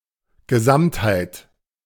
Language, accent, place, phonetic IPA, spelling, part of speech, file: German, Germany, Berlin, [ɡəˈzamthaɪ̯t], Gesamtheit, noun, De-Gesamtheit.ogg
- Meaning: wholeness, totality, entirety